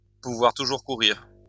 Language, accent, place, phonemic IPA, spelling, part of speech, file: French, France, Lyon, /pu.vwaʁ tu.ʒuʁ ku.ʁiʁ/, pouvoir toujours courir, verb, LL-Q150 (fra)-pouvoir toujours courir.wav
- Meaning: can whistle for it